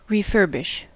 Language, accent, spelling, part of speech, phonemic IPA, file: English, US, refurbish, verb / noun, /ɹiˈfɝbɪʃ/, En-us-refurbish.ogg
- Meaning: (verb) To rebuild or replenish with all new material; to restore to original (or better) working order and appearance; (noun) A refurbishment